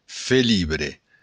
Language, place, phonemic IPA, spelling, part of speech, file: Occitan, Béarn, /feˈli.bɾe/, felibre, noun, LL-Q14185 (oci)-felibre.wav
- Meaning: félibre (member of a literary fellowship founded in 1854)